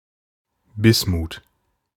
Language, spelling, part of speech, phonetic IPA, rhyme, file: German, Bismut, noun, [ˈbɪsmuːt], -ɪsmuːt, De-Bismut.ogg
- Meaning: bismuth